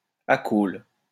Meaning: acaulous
- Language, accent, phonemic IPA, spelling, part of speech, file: French, France, /a.kol/, acaule, adjective, LL-Q150 (fra)-acaule.wav